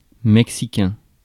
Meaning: Mexican
- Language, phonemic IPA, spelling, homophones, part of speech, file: French, /mɛk.si.kɛ̃/, mexicain, Mexicain / mexicains / Mexicains, adjective, Fr-mexicain.ogg